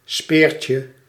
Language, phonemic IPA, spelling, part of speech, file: Dutch, /ˈspɪːrcjə/, speertje, noun, Nl-speertje.ogg
- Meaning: diminutive of speer